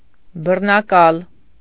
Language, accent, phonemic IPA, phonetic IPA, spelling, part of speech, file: Armenian, Eastern Armenian, /bərnɑˈkɑl/, [bərnɑkɑ́l], բռնակալ, noun / adjective, Hy-բռնակալ.ogg
- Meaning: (noun) 1. despot, tyrant 2. harasser, abuser, aggressor; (adjective) despotic, tyrannical